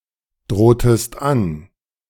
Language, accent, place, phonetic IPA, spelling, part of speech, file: German, Germany, Berlin, [ˌdʁoːtəst ˈan], drohtest an, verb, De-drohtest an.ogg
- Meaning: inflection of androhen: 1. second-person singular preterite 2. second-person singular subjunctive II